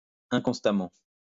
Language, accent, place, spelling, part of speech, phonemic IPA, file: French, France, Lyon, inconstamment, adverb, /ɛ̃.kɔ̃s.ta.mɑ̃/, LL-Q150 (fra)-inconstamment.wav
- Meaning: inconstantly